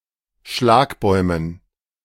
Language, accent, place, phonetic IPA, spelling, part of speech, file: German, Germany, Berlin, [ˈʃlaːkˌbɔɪ̯mən], Schlagbäumen, noun, De-Schlagbäumen.ogg
- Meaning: dative plural of Schlagbaum